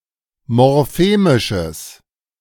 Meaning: strong/mixed nominative/accusative neuter singular of morphemisch
- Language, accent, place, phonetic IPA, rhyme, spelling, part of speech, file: German, Germany, Berlin, [mɔʁˈfeːmɪʃəs], -eːmɪʃəs, morphemisches, adjective, De-morphemisches.ogg